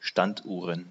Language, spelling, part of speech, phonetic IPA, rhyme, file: German, Standuhren, noun, [ˈʃtantˌʔuːʁən], -antʔuːʁən, De-Standuhren.ogg
- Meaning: plural of Standuhr